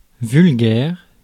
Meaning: vulgar, crude
- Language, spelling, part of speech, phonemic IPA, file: French, vulgaire, adjective, /vyl.ɡɛʁ/, Fr-vulgaire.ogg